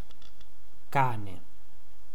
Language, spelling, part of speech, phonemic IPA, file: Italian, cane, noun, /ˈkaːne/, It-cane.ogg